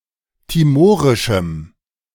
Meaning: strong dative masculine/neuter singular of timorisch
- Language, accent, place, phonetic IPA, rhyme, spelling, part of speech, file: German, Germany, Berlin, [tiˈmoːʁɪʃm̩], -oːʁɪʃm̩, timorischem, adjective, De-timorischem.ogg